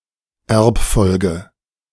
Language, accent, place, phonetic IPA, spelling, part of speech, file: German, Germany, Berlin, [ˈʔɛɐ̯pˌfɔlɡə], Erbfolge, noun, De-Erbfolge.ogg
- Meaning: succession